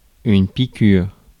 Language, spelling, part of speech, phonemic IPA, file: French, piqûre, noun, /pi.kyʁ/, Fr-piqûre.ogg
- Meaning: 1. injection 2. sting